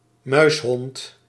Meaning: 1. weasel 2. cat
- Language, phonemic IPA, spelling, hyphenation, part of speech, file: Dutch, /ˈmœy̯s.ɦɔnt/, muishond, muis‧hond, noun, Nl-muishond.ogg